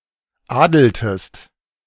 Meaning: inflection of adeln: 1. second-person singular preterite 2. second-person singular subjunctive II
- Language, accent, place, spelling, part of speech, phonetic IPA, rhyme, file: German, Germany, Berlin, adeltest, verb, [ˈaːdl̩təst], -aːdl̩təst, De-adeltest.ogg